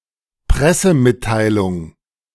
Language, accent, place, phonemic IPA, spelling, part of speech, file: German, Germany, Berlin, /ˈpʁɛsəˌmɪtaɪlʊŋ/, Pressemitteilung, noun, De-Pressemitteilung.ogg
- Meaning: press release (an official written statement)